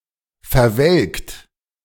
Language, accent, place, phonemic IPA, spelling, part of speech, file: German, Germany, Berlin, /fɛɐˈvɛlkt/, verwelkt, verb, De-verwelkt.ogg
- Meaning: 1. past participle of verwelken 2. inflection of verwelken: third-person singular present 3. inflection of verwelken: second-person plural present 4. inflection of verwelken: plural imperative